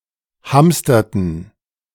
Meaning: inflection of hamstern: 1. first/third-person plural preterite 2. first/third-person plural subjunctive II
- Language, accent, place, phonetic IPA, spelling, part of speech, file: German, Germany, Berlin, [ˈhamstɐtn̩], hamsterten, verb, De-hamsterten.ogg